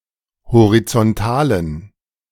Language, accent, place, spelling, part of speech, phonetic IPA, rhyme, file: German, Germany, Berlin, horizontalen, adjective, [hoʁit͡sɔnˈtaːlən], -aːlən, De-horizontalen.ogg
- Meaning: inflection of horizontal: 1. strong genitive masculine/neuter singular 2. weak/mixed genitive/dative all-gender singular 3. strong/weak/mixed accusative masculine singular 4. strong dative plural